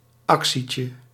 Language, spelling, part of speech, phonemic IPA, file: Dutch, actietje, noun, /ˈɑksicə/, Nl-actietje.ogg
- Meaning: diminutive of actie